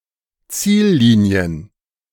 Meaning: plural of Ziellinie
- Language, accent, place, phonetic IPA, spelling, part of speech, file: German, Germany, Berlin, [ˈt͡siːlˌliːni̯ən], Ziellinien, noun, De-Ziellinien.ogg